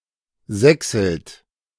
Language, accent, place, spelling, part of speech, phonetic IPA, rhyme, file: German, Germany, Berlin, sächselt, verb, [ˈzɛksl̩t], -ɛksl̩t, De-sächselt.ogg
- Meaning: inflection of sächseln: 1. second-person plural present 2. third-person singular present 3. plural imperative